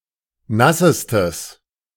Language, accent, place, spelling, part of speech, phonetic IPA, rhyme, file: German, Germany, Berlin, nassestes, adjective, [ˈnasəstəs], -asəstəs, De-nassestes.ogg
- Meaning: strong/mixed nominative/accusative neuter singular superlative degree of nass